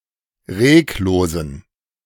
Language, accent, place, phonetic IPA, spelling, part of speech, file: German, Germany, Berlin, [ˈʁeːkˌloːzn̩], reglosen, adjective, De-reglosen.ogg
- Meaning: inflection of reglos: 1. strong genitive masculine/neuter singular 2. weak/mixed genitive/dative all-gender singular 3. strong/weak/mixed accusative masculine singular 4. strong dative plural